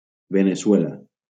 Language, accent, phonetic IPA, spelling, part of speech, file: Catalan, Valencia, [ve.ne.suˈɛ.la], Veneçuela, proper noun, LL-Q7026 (cat)-Veneçuela.wav
- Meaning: Venezuela (a country in South America)